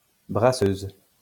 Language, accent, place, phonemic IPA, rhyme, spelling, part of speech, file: French, France, Lyon, /bʁa.søz/, -øz, brasseuse, noun, LL-Q150 (fra)-brasseuse.wav
- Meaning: female equivalent of brasseur